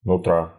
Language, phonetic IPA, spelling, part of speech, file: Russian, [nʊˈtra], нутра, noun, Ru-нутра́.ogg
- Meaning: genitive singular of нутро́ (nutró)